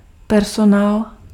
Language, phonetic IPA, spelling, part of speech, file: Czech, [ˈpɛrsonaːl], personál, noun, Cs-personál.ogg
- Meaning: personnel, staff (employees of a business)